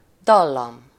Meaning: melody (sequence of notes that makes up a musical phrase)
- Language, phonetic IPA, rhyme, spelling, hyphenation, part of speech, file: Hungarian, [ˈdɒlːɒm], -ɒm, dallam, dal‧lam, noun, Hu-dallam.ogg